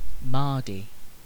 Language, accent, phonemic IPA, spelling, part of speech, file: English, UK, /ˈmɑːdi/, mardy, adjective / noun, En-uk-mardy.ogg
- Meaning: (adjective) 1. Sulky or whining 2. Non-cooperative, bad-tempered or terse in communication; grumpy; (noun) A sulky, whiny mood; a fit of petulance